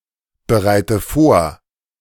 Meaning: inflection of vorbereiten: 1. first-person singular present 2. first/third-person singular subjunctive I 3. singular imperative
- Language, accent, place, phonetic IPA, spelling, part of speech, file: German, Germany, Berlin, [bəˌʁaɪ̯tə ˈfoːɐ̯], bereite vor, verb, De-bereite vor.ogg